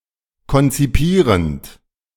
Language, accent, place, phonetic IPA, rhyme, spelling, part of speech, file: German, Germany, Berlin, [kɔnt͡siˈpiːʁənt], -iːʁənt, konzipierend, verb, De-konzipierend.ogg
- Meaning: present participle of konzipieren